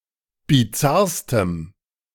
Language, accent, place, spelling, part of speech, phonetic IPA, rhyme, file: German, Germany, Berlin, bizarrstem, adjective, [biˈt͡saʁstəm], -aʁstəm, De-bizarrstem.ogg
- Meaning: strong dative masculine/neuter singular superlative degree of bizarr